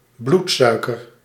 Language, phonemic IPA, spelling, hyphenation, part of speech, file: Dutch, /ˈblutˌsœy̯.kər/, bloedsuiker, bloed‧sui‧ker, noun, Nl-bloedsuiker.ogg
- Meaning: blood sugar (glucose (level) in blood)